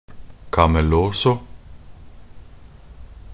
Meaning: A nonsensical word making light-hearted fun of the Danish language from a mostly Norwegian perspective
- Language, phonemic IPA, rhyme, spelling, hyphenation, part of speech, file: Norwegian Bokmål, /ka.mɛˈloː.sɔ/, -oːsɔ, kamelåså, ka‧me‧lå‧så, noun, Nb-kamelåså.ogg